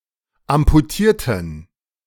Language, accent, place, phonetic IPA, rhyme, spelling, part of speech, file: German, Germany, Berlin, [ampuˈtiːɐ̯tn̩], -iːɐ̯tn̩, amputierten, adjective / verb, De-amputierten.ogg
- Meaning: inflection of amputieren: 1. first/third-person plural preterite 2. first/third-person plural subjunctive II